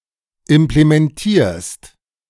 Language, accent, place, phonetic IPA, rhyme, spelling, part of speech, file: German, Germany, Berlin, [ɪmplemɛnˈtiːɐ̯st], -iːɐ̯st, implementierst, verb, De-implementierst.ogg
- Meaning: second-person singular present of implementieren